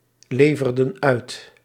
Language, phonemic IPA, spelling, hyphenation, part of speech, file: Dutch, /ˌleː.vər.dən ˈœy̯t/, leverden uit, le‧ver‧den uit, verb, Nl-leverden uit.ogg
- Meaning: inflection of uitleveren: 1. plural past indicative 2. plural past subjunctive